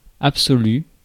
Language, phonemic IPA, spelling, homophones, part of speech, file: French, /ap.sɔ.ly/, absolu, absolue / absolues / absolus / absolut / absolût, adjective / noun, Fr-absolu.ogg
- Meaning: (adjective) absolute